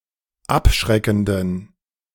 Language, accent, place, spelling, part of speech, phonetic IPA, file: German, Germany, Berlin, abschreckenden, adjective, [ˈapˌʃʁɛkn̩dən], De-abschreckenden.ogg
- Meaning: inflection of abschreckend: 1. strong genitive masculine/neuter singular 2. weak/mixed genitive/dative all-gender singular 3. strong/weak/mixed accusative masculine singular 4. strong dative plural